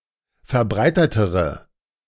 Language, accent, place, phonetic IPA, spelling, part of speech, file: German, Germany, Berlin, [fɛɐ̯ˈbʁaɪ̯tətəʁə], verbreitetere, adjective, De-verbreitetere.ogg
- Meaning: inflection of verbreitet: 1. strong/mixed nominative/accusative feminine singular comparative degree 2. strong nominative/accusative plural comparative degree